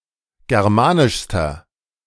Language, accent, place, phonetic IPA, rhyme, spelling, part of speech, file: German, Germany, Berlin, [ˌɡɛʁˈmaːnɪʃstɐ], -aːnɪʃstɐ, germanischster, adjective, De-germanischster.ogg
- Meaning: inflection of germanisch: 1. strong/mixed nominative masculine singular superlative degree 2. strong genitive/dative feminine singular superlative degree 3. strong genitive plural superlative degree